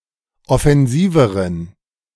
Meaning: inflection of offensiv: 1. strong genitive masculine/neuter singular comparative degree 2. weak/mixed genitive/dative all-gender singular comparative degree
- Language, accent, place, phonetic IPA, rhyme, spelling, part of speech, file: German, Germany, Berlin, [ɔfɛnˈziːvəʁən], -iːvəʁən, offensiveren, adjective, De-offensiveren.ogg